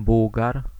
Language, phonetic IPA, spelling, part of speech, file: Polish, [ˈbuwɡar], Bułgar, noun, Pl-Bułgar.ogg